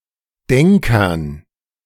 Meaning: dative plural of Denker
- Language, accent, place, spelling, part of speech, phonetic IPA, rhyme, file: German, Germany, Berlin, Denkern, noun, [ˈdɛŋkɐn], -ɛŋkɐn, De-Denkern.ogg